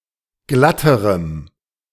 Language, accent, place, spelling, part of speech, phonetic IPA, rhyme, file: German, Germany, Berlin, glatterem, adjective, [ˈɡlatəʁəm], -atəʁəm, De-glatterem.ogg
- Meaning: strong dative masculine/neuter singular comparative degree of glatt